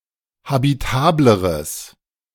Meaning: strong/mixed nominative/accusative neuter singular comparative degree of habitabel
- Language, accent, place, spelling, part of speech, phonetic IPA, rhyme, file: German, Germany, Berlin, habitableres, adjective, [habiˈtaːbləʁəs], -aːbləʁəs, De-habitableres.ogg